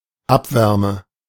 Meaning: waste heat
- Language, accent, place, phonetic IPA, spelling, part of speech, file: German, Germany, Berlin, [ˈapˌvɛʁmə], Abwärme, noun, De-Abwärme.ogg